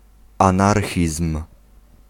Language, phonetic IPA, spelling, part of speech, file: Polish, [ãˈnarxʲism̥], anarchizm, noun, Pl-anarchizm.ogg